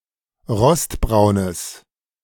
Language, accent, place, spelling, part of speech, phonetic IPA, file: German, Germany, Berlin, rostbraunes, adjective, [ˈʁɔstˌbʁaʊ̯nəs], De-rostbraunes.ogg
- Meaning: strong/mixed nominative/accusative neuter singular of rostbraun